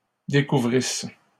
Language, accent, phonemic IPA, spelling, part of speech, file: French, Canada, /de.ku.vʁis/, découvrissent, verb, LL-Q150 (fra)-découvrissent.wav
- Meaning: third-person plural imperfect subjunctive of découvrir